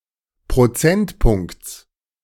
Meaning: genitive singular of Prozentpunkt
- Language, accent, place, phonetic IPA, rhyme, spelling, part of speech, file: German, Germany, Berlin, [pʁoˈt͡sɛntˌpʊŋkt͡s], -ɛntpʊŋkt͡s, Prozentpunkts, noun, De-Prozentpunkts.ogg